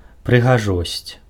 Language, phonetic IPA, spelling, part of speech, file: Belarusian, [prɨɣaˈʐosʲt͡sʲ], прыгажосць, noun, Be-прыгажосць.ogg
- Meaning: beauty